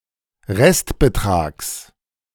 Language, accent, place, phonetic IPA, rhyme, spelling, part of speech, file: German, Germany, Berlin, [ˈʁɛstbəˌtʁaːks], -ɛstbətʁaːks, Restbetrags, noun, De-Restbetrags.ogg
- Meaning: genitive singular of Restbetrag